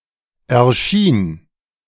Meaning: first/third-person singular preterite of erscheinen
- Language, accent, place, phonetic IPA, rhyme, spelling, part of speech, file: German, Germany, Berlin, [ɛɐ̯ˈʃiːn], -iːn, erschien, verb, De-erschien.ogg